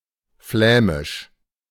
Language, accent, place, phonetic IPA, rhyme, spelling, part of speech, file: German, Germany, Berlin, [ˈflɛːmɪʃ], -ɛːmɪʃ, Flämisch, noun, De-Flämisch.ogg
- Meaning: 1. Flemish (Standard Dutch as it is spoken in Flanders) 2. Flemish (the Low Franconian dialects spoken in Flanders, considered collectively)